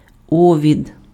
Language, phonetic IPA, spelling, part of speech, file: Ukrainian, [ˈɔʋʲid], овід, noun, Uk-овід.ogg
- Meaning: botfly, oestrus